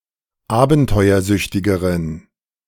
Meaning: inflection of abenteuersüchtig: 1. strong genitive masculine/neuter singular comparative degree 2. weak/mixed genitive/dative all-gender singular comparative degree
- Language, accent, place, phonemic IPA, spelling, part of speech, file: German, Germany, Berlin, /ˈaːbn̩tɔɪ̯ɐˌzʏçtɪɡəʁən/, abenteuersüchtigeren, adjective, De-abenteuersüchtigeren.ogg